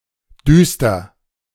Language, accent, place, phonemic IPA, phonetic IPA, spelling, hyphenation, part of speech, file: German, Germany, Berlin, /ˈdyːstər/, [ˈdyːstɐ], düster, düs‧ter, adjective, De-düster.ogg
- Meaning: 1. dark, dim, gloomy, obscure 2. cheerless, melancholy, somber